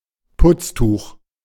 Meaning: cloth, polishing cloth, cleaning cloth, rag, cleaning rag
- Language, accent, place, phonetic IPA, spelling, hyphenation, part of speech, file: German, Germany, Berlin, [ˈpʊtstuːχ], Putztuch, Putz‧tuch, noun, De-Putztuch.ogg